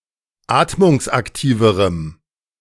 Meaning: strong dative masculine/neuter singular comparative degree of atmungsaktiv
- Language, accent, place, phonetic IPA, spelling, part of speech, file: German, Germany, Berlin, [ˈaːtmʊŋsʔakˌtiːvəʁəm], atmungsaktiverem, adjective, De-atmungsaktiverem.ogg